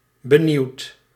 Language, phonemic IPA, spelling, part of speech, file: Dutch, /bəˈniwt/, benieuwt, verb, Nl-benieuwt.ogg
- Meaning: inflection of benieuwen: 1. second/third-person singular present indicative 2. plural imperative